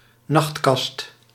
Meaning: nightstand
- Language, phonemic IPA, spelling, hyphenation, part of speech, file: Dutch, /ˈnɑxtˌkɑst/, nachtkast, nacht‧kast, noun, Nl-nachtkast.ogg